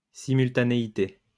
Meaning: simultaneity
- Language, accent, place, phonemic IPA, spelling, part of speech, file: French, France, Lyon, /si.myl.ta.ne.i.te/, simultanéité, noun, LL-Q150 (fra)-simultanéité.wav